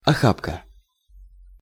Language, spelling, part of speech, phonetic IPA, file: Russian, охапка, noun, [ɐˈxapkə], Ru-охапка.ogg
- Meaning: armful